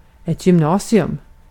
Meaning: gymnasium; upper secondary school: either theoretical ("preparing for further studies") or vocational, most commonly three years long (grades 10-12)
- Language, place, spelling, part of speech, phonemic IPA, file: Swedish, Gotland, gymnasium, noun, /jʏmˈnɑːsɪɵm/, Sv-gymnasium.ogg